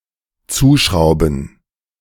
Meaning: to screw on, screw shut
- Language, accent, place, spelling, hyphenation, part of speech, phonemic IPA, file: German, Germany, Berlin, zuschrauben, zu‧schrau‧ben, verb, /ˈt͡suːˌʃʁaʊ̯bn̩/, De-zuschrauben.ogg